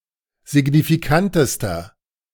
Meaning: inflection of signifikant: 1. strong/mixed nominative masculine singular superlative degree 2. strong genitive/dative feminine singular superlative degree 3. strong genitive plural superlative degree
- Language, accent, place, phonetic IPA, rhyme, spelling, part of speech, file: German, Germany, Berlin, [zɪɡnifiˈkantəstɐ], -antəstɐ, signifikantester, adjective, De-signifikantester.ogg